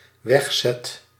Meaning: first/second/third-person singular dependent-clause present indicative of wegzetten
- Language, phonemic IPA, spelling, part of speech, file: Dutch, /ˈwɛxsɛt/, wegzet, verb, Nl-wegzet.ogg